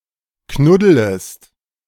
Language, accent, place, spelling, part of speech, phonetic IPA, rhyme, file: German, Germany, Berlin, knuddelest, verb, [ˈknʊdələst], -ʊdələst, De-knuddelest.ogg
- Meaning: second-person singular subjunctive I of knuddeln